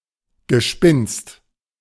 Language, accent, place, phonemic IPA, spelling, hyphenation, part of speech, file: German, Germany, Berlin, /ɡəˈʃpɪnst/, Gespinst, Ge‧spinst, noun, De-Gespinst.ogg
- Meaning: 1. spun yarn 2. web, tissue, cocoon